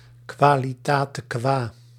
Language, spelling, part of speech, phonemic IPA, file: Dutch, qualitate qua, phrase, /kwaliˈtatəˌkwa/, Nl-qualitate qua.ogg
- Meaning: in the function of, in the capacity of